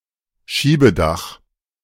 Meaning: 1. sunroof 2. sliding roof
- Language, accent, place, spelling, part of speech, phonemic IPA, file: German, Germany, Berlin, Schiebedach, noun, /ˈʃiːbəˌdaχ/, De-Schiebedach.ogg